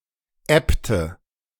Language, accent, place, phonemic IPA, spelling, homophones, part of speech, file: German, Germany, Berlin, /ˈɛptə/, Äbte, ebbte, noun, De-Äbte.ogg
- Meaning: plural of Abt